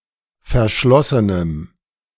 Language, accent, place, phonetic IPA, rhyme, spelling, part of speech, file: German, Germany, Berlin, [fɛɐ̯ˈʃlɔsənəm], -ɔsənəm, verschlossenem, adjective, De-verschlossenem.ogg
- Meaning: strong dative masculine/neuter singular of verschlossen